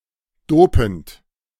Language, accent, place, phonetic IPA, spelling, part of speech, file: German, Germany, Berlin, [ˈdoːpn̩t], dopend, verb, De-dopend.ogg
- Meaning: present participle of dopen